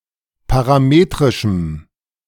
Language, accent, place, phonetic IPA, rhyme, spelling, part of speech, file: German, Germany, Berlin, [paʁaˈmeːtʁɪʃm̩], -eːtʁɪʃm̩, parametrischem, adjective, De-parametrischem.ogg
- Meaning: strong dative masculine/neuter singular of parametrisch